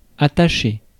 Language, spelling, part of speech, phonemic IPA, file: French, attacher, verb, /a.ta.ʃe/, Fr-attacher.ogg
- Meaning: 1. to affix, bind, tie something to something else, especially with rope 2. to attach (durably bind, tie via links of emotional or physical dependence)